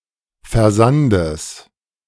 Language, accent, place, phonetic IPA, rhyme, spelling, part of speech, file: German, Germany, Berlin, [fɛɐ̯ˈzandəs], -andəs, Versandes, noun, De-Versandes.ogg
- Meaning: genitive singular of Versand